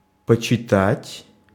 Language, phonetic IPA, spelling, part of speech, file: Russian, [pət͡ɕɪˈtatʲ], почитать, verb, Ru-почитать.ogg
- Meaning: 1. to read (for a while) 2. to esteem, to respect, to honour/honor 3. to consider